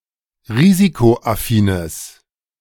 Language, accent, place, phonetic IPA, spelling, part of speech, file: German, Germany, Berlin, [ˈʁiːzikoʔaˌfiːnəs], risikoaffines, adjective, De-risikoaffines.ogg
- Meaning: strong/mixed nominative/accusative neuter singular of risikoaffin